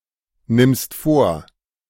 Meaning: second-person singular present of vornehmen
- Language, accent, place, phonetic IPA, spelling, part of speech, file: German, Germany, Berlin, [ˌnɪmst ˈfoːɐ̯], nimmst vor, verb, De-nimmst vor.ogg